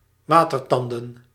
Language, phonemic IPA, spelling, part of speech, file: Dutch, /ˈwatərˌtɑndə(n)/, watertanden, verb, Nl-watertanden.ogg
- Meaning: to make one's mouth water